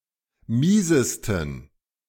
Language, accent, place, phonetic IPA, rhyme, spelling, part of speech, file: German, Germany, Berlin, [ˈmiːzəstn̩], -iːzəstn̩, miesesten, adjective, De-miesesten.ogg
- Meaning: 1. superlative degree of mies 2. inflection of mies: strong genitive masculine/neuter singular superlative degree